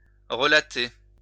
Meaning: 1. to relate, to recount 2. to account
- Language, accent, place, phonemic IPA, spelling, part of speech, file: French, France, Lyon, /ʁə.la.te/, relater, verb, LL-Q150 (fra)-relater.wav